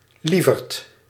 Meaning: 1. a person who is kind or sweet; a sweetheart 2. dear, darling, honey
- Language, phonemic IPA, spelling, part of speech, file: Dutch, /ˈli.vərt/, lieverd, noun, Nl-lieverd.ogg